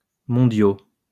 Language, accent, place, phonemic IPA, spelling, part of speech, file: French, France, Lyon, /mɔ̃.djo/, mondiaux, adjective, LL-Q150 (fra)-mondiaux.wav
- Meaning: masculine plural of mondial